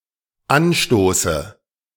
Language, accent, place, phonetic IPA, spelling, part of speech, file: German, Germany, Berlin, [ˈanˌʃtoːsə], Anstoße, noun, De-Anstoße.ogg
- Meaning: dative singular of Anstoß